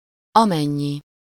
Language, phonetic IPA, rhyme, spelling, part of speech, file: Hungarian, [ˈɒmɛɲːi], -ɲi, amennyi, pronoun, Hu-amennyi.ogg
- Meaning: as much as